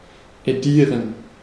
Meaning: 1. to publish 2. to edit
- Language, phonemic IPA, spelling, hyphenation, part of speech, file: German, /eˈdiːʁən/, edieren, edie‧ren, verb, De-edieren.ogg